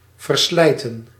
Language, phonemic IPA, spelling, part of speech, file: Dutch, /vərˈslɛitə(n)/, verslijten, verb, Nl-verslijten.ogg
- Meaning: 1. to wear out, fray 2. to take for